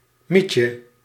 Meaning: 1. male homosexual 2. effeminate, pansy, wuss, sissy 3. effete man
- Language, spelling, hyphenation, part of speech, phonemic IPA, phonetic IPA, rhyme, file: Dutch, mietje, miet‧je, noun, /ˈmitjə/, [ˈmicə], -itjə, Nl-mietje.ogg